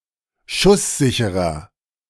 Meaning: inflection of schusssicher: 1. strong/mixed nominative masculine singular 2. strong genitive/dative feminine singular 3. strong genitive plural
- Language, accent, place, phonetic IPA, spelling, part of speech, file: German, Germany, Berlin, [ˈʃʊsˌzɪçəʁɐ], schusssicherer, adjective, De-schusssicherer.ogg